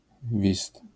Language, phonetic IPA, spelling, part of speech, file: Polish, [vʲist], wist, noun, LL-Q809 (pol)-wist.wav